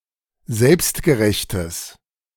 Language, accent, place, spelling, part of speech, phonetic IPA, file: German, Germany, Berlin, selbstgerechtes, adjective, [ˈzɛlpstɡəˌʁɛçtəs], De-selbstgerechtes.ogg
- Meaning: strong/mixed nominative/accusative neuter singular of selbstgerecht